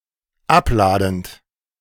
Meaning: present participle of abladen
- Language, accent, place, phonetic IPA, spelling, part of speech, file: German, Germany, Berlin, [ˈapˌlaːdn̩t], abladend, verb, De-abladend.ogg